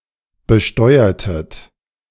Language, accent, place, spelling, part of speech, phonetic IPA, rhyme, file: German, Germany, Berlin, besteuertet, verb, [bəˈʃtɔɪ̯ɐtət], -ɔɪ̯ɐtət, De-besteuertet.ogg
- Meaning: inflection of besteuern: 1. second-person plural preterite 2. second-person plural subjunctive II